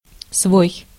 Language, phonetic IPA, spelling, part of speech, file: Russian, [svoj], свой, pronoun, Ru-свой.ogg
- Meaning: 1. one's own; my, his, her, its, our, your, their (always refers to the subject of the clause) 2. allied, friendly 3. peculiar